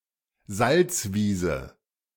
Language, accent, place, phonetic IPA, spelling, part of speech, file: German, Germany, Berlin, [ˈzalt͡sˌviːzə], Salzwiese, noun, De-Salzwiese.ogg
- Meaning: salt marsh